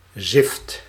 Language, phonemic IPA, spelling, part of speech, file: Dutch, /zɪft/, zift, verb, Nl-zift.ogg
- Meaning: inflection of ziften: 1. first/second/third-person singular present indicative 2. imperative